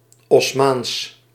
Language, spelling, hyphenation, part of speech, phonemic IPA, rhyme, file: Dutch, Osmaans, Os‧maans, adjective, /ɔsˈmaːns/, -aːns, Nl-Osmaans.ogg
- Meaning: Ottoman